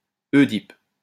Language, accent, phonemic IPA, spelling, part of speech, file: French, France, /e.dip/, œdipe, noun, LL-Q150 (fra)-œdipe.wav
- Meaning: 1. a person adept at solving puzzles 2. a crossword enthusiast, a cruciverbalist 3. Oedipus complex